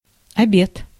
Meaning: 1. lunch, dinner (the main meal of the day, which is served between noon and 3 p.m.) 2. noon
- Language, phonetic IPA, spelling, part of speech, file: Russian, [ɐˈbʲet], обед, noun, Ru-обед.ogg